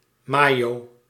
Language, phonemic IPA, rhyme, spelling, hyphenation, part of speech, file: Dutch, /ˈmaː.joː/, -aːjoː, mayo, ma‧yo, noun, Nl-mayo.ogg
- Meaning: mayonnaise